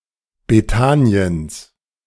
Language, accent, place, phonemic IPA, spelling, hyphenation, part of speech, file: German, Germany, Berlin, /beːˈtaːni̯əns/, Bethaniens, Be‧tha‧ni‧ens, noun, De-Bethaniens.ogg
- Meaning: genitive singular of Bethanien